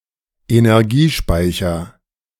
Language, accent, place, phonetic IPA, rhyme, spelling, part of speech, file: German, Germany, Berlin, [enɛʁˈɡiːˌʃpaɪ̯çɐ], -iːʃpaɪ̯çɐ, Energiespeicher, noun, De-Energiespeicher.ogg
- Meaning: energy store or storage